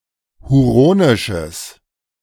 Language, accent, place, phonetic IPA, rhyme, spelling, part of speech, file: German, Germany, Berlin, [huˈʁoːnɪʃəs], -oːnɪʃəs, huronisches, adjective, De-huronisches.ogg
- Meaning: strong/mixed nominative/accusative neuter singular of huronisch